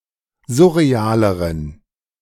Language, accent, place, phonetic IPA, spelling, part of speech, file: German, Germany, Berlin, [ˈzʊʁeˌaːləʁən], surrealeren, adjective, De-surrealeren.ogg
- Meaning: inflection of surreal: 1. strong genitive masculine/neuter singular comparative degree 2. weak/mixed genitive/dative all-gender singular comparative degree